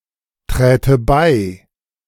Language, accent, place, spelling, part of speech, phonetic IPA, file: German, Germany, Berlin, träte bei, verb, [ˌtʁɛːtə ˈbaɪ̯], De-träte bei.ogg
- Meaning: first/third-person singular subjunctive II of beitreten